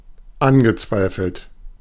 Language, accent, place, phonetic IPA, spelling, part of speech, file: German, Germany, Berlin, [ˈanɡəˌt͡svaɪ̯fl̩t], angezweifelt, verb, De-angezweifelt.ogg
- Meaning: past participle of anzweifeln